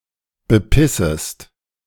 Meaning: second-person singular subjunctive I of bepissen
- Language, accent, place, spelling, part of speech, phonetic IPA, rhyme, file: German, Germany, Berlin, bepissest, verb, [bəˈpɪsəst], -ɪsəst, De-bepissest.ogg